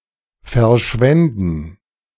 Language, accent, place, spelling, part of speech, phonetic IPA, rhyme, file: German, Germany, Berlin, verschwänden, verb, [fɛɐ̯ˈʃvɛndn̩], -ɛndn̩, De-verschwänden.ogg
- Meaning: first/third-person plural subjunctive II of verschwinden